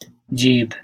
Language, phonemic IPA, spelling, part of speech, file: Bengali, /d͡ʒibʱ/, জিভ, noun, Bn-জিভ.ogg
- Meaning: tongue